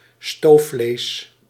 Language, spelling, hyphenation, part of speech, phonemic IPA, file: Dutch, stoofvlees, stoof‧vlees, noun, /ˈstoː.fleːs/, Nl-stoofvlees.ogg
- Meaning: slow-cooked meat